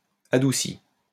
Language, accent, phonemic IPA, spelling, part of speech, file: French, France, /a.du.si/, adouci, verb, LL-Q150 (fra)-adouci.wav
- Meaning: past participle of adoucir